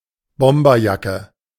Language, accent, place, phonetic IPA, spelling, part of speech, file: German, Germany, Berlin, [ˈbɔmbɐˌjakə], Bomberjacke, noun, De-Bomberjacke.ogg
- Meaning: bomber jacket